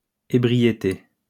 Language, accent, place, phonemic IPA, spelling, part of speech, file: French, France, Lyon, /e.bʁi.je.te/, ébriété, noun, LL-Q150 (fra)-ébriété.wav
- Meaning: inebriation, drunkenness